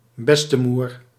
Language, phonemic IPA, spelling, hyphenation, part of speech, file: Dutch, /ˈbɛs.təˌmur/, bestemoer, bes‧te‧moer, noun, Nl-bestemoer.ogg
- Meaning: alternative form of bestemoeder